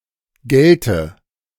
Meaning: first/third-person singular subjunctive II of gelten
- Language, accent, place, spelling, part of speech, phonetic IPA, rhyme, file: German, Germany, Berlin, gälte, verb, [ˈɡɛltə], -ɛltə, De-gälte.ogg